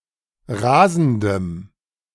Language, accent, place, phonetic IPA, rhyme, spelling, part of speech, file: German, Germany, Berlin, [ˈʁaːzn̩dəm], -aːzn̩dəm, rasendem, adjective, De-rasendem.ogg
- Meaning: strong dative masculine/neuter singular of rasend